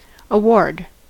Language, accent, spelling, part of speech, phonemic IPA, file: English, General American, award, noun / verb, /əˈwɔɹd/, En-us-award.ogg
- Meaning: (noun) 1. A judgment, sentence, or final decision. Specifically: The decision of arbitrators in a case submitted 2. The paper containing the decision of arbitrators; that which is warded